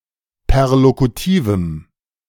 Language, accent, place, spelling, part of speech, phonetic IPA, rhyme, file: German, Germany, Berlin, perlokutivem, adjective, [pɛʁlokuˈtiːvm̩], -iːvm̩, De-perlokutivem.ogg
- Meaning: strong dative masculine/neuter singular of perlokutiv